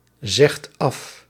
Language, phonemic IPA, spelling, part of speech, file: Dutch, /ˈzɛxt ˈɑf/, zegt af, verb, Nl-zegt af.ogg
- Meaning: inflection of afzeggen: 1. second/third-person singular present indicative 2. plural imperative